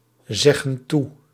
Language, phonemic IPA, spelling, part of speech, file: Dutch, /ˈzɛɣə(n) ˈtu/, zeggen toe, verb, Nl-zeggen toe.ogg
- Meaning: inflection of toezeggen: 1. plural present indicative 2. plural present subjunctive